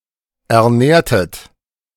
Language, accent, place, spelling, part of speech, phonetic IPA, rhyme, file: German, Germany, Berlin, ernährtet, verb, [ɛɐ̯ˈnɛːɐ̯tət], -ɛːɐ̯tət, De-ernährtet.ogg
- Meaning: inflection of ernähren: 1. second-person plural preterite 2. second-person plural subjunctive II